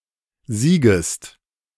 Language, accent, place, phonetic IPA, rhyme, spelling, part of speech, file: German, Germany, Berlin, [ˈziːɡəst], -iːɡəst, siegest, verb, De-siegest.ogg
- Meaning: second-person singular subjunctive I of siegen